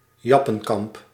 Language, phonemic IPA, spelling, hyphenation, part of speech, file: Dutch, /ˈjɑ.pə(n)ˌkɑmp/, jappenkamp, jap‧pen‧kamp, noun, Nl-jappenkamp.ogg
- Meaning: a Japanese-run concentration camp during World War II